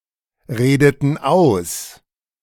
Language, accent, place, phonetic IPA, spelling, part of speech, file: German, Germany, Berlin, [ˌʁeːdətn̩ ˈaʊ̯s], redeten aus, verb, De-redeten aus.ogg
- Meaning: inflection of ausreden: 1. first/third-person plural preterite 2. first/third-person plural subjunctive II